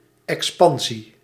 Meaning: expansion
- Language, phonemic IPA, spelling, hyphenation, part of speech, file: Dutch, /ˌɛksˈpɑn.zi/, expansie, ex‧pan‧sie, noun, Nl-expansie.ogg